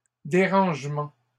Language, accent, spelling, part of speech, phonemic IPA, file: French, Canada, dérangements, noun, /de.ʁɑ̃ʒ.mɑ̃/, LL-Q150 (fra)-dérangements.wav
- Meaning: plural of dérangement